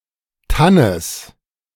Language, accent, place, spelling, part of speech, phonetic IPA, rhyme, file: German, Germany, Berlin, Tannes, noun, [ˈtanəs], -anəs, De-Tannes.ogg
- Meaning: genitive of Tann